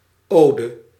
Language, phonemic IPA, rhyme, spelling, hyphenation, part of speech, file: Dutch, /ˈoː.də/, -oːdə, ode, ode, noun, Nl-ode.ogg
- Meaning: ode (lyrical poem, usually in praise of something or someone)